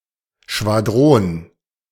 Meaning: squadron (the smallest unit of the cavalry)
- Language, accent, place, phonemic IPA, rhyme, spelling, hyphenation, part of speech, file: German, Germany, Berlin, /ʃvaˈdʁoːn/, -oːn, Schwadron, Schwa‧d‧ron, noun, De-Schwadron.ogg